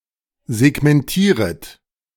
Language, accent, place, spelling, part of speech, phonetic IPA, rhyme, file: German, Germany, Berlin, segmentieret, verb, [zɛɡmɛnˈtiːʁət], -iːʁət, De-segmentieret.ogg
- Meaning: second-person plural subjunctive I of segmentieren